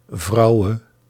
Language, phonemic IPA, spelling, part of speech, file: Dutch, /ˈvɑuwə/, vouwe, noun / verb, Nl-vouwe.ogg
- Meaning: singular present subjunctive of vouwen